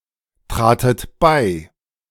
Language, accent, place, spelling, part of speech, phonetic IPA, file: German, Germany, Berlin, tratet bei, verb, [ˌtʁaːtət ˈbaɪ̯], De-tratet bei.ogg
- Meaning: second-person plural preterite of beitreten